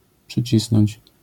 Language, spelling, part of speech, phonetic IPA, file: Polish, przycisnąć, verb, [pʃɨˈt͡ɕisnɔ̃ɲt͡ɕ], LL-Q809 (pol)-przycisnąć.wav